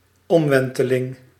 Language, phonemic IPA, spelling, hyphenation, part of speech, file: Dutch, /ˈɔmˌʋɛn.tə.lɪŋ/, omwenteling, om‧wen‧te‧ling, noun, Nl-omwenteling.ogg
- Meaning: revolution